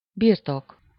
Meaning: 1. possession, property, holding (something that is owned) 2. synonym of földbirtok (“estate, property, land”) 3. possession, ownership (taking, holding, keeping something as one’s own)
- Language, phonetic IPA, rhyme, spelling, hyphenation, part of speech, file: Hungarian, [ˈbirtok], -ok, birtok, bir‧tok, noun, Hu-birtok.ogg